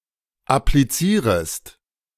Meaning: second-person singular subjunctive I of applizieren
- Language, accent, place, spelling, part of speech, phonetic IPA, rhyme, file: German, Germany, Berlin, applizierest, verb, [apliˈt͡siːʁəst], -iːʁəst, De-applizierest.ogg